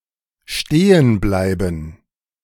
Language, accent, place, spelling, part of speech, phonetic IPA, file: German, Germany, Berlin, stehen bleiben, verb, [ˈʃteːən ˌblaɪ̯bn̩], De-stehen bleiben.ogg
- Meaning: alternative form of stehenbleiben